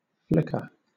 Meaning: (noun) 1. An unsteady flash of light 2. A short moment; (verb) To burn or shine unsteadily, or with a wavering light
- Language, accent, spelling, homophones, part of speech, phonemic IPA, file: English, Southern England, flicker, Flickr, noun / verb, /ˈflɪkə/, LL-Q1860 (eng)-flicker.wav